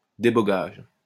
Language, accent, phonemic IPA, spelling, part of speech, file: French, France, /de.bɔ.ɡaʒ/, débogage, noun, LL-Q150 (fra)-débogage.wav
- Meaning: debugging; action of debugging